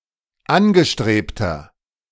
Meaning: inflection of angestrebt: 1. strong/mixed nominative masculine singular 2. strong genitive/dative feminine singular 3. strong genitive plural
- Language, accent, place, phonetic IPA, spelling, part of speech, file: German, Germany, Berlin, [ˈanɡəˌʃtʁeːptɐ], angestrebter, adjective, De-angestrebter.ogg